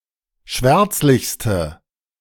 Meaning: inflection of schwärzlich: 1. strong/mixed nominative/accusative feminine singular superlative degree 2. strong nominative/accusative plural superlative degree
- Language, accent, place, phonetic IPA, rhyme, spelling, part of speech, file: German, Germany, Berlin, [ˈʃvɛʁt͡slɪçstə], -ɛʁt͡slɪçstə, schwärzlichste, adjective, De-schwärzlichste.ogg